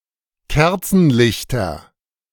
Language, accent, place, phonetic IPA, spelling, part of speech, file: German, Germany, Berlin, [ˈkɛʁt͡sn̩ˌlɪçtɐ], Kerzenlichter, noun, De-Kerzenlichter.ogg
- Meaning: nominative/accusative/genitive plural of Kerzenlicht